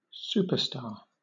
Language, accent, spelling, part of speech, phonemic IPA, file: English, Southern England, superstar, noun, /ˈsuː.pəˌstɑː/, LL-Q1860 (eng)-superstar.wav
- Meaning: 1. Someone who has accumulated a vast amount of fame; a high-level celebrity 2. An exceptionally productive employee 3. A giant star; (loosely) any giant star, bright giant, supergiant, or hypergiant